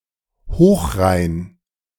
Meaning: high-purity
- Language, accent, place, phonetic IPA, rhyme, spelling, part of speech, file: German, Germany, Berlin, [ˈhoːxˌʁaɪ̯n], -oːxʁaɪ̯n, hochrein, adjective, De-hochrein.ogg